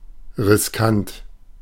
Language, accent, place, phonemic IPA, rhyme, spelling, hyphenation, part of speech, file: German, Germany, Berlin, /ʁɪsˈkant/, -ant, riskant, ris‧kant, adjective, De-riskant.ogg
- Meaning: risky